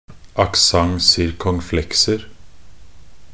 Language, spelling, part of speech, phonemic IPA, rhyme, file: Norwegian Bokmål, accent circonflexer, noun, /akˈsaŋ.sɪrkɔŋˈflɛksər/, -ər, Nb-accent circonflexer.ogg
- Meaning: indefinite plural of accent circonflexe